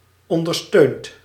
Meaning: inflection of ondersteunen: 1. second/third-person singular present indicative 2. plural imperative
- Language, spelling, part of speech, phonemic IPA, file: Dutch, ondersteunt, verb, /ˌɔndərˈstønt/, Nl-ondersteunt.ogg